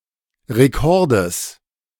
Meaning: genitive singular of Rekord
- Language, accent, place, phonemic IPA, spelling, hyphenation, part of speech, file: German, Germany, Berlin, /ʁeˈkɔʁdəs/, Rekordes, Re‧kor‧des, noun, De-Rekordes.ogg